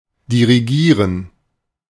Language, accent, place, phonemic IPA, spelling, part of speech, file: German, Germany, Berlin, /diʁiˈɡiːʁən/, dirigieren, verb, De-dirigieren.ogg
- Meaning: 1. to direct, to channel 2. to conduct